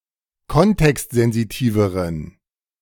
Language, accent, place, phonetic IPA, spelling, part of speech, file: German, Germany, Berlin, [ˈkɔntɛkstzɛnziˌtiːvəʁən], kontextsensitiveren, adjective, De-kontextsensitiveren.ogg
- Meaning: inflection of kontextsensitiv: 1. strong genitive masculine/neuter singular comparative degree 2. weak/mixed genitive/dative all-gender singular comparative degree